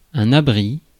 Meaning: a shelter or refuge against the elements or physical danger
- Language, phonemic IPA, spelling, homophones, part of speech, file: French, /a.bʁi/, abri, abris, noun, Fr-abri.ogg